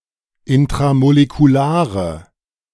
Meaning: inflection of intramolekular: 1. strong/mixed nominative/accusative feminine singular 2. strong nominative/accusative plural 3. weak nominative all-gender singular
- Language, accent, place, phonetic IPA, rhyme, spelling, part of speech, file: German, Germany, Berlin, [ɪntʁamolekuˈlaːʁə], -aːʁə, intramolekulare, adjective, De-intramolekulare.ogg